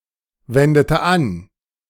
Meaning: inflection of anwenden: 1. first/third-person singular preterite 2. first/third-person singular subjunctive II
- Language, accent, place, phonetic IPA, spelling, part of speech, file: German, Germany, Berlin, [ˌvɛndətə ˈan], wendete an, verb, De-wendete an.ogg